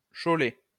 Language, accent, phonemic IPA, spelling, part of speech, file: French, France, /ʃo.le/, chauler, verb, LL-Q150 (fra)-chauler.wav
- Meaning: to whitewash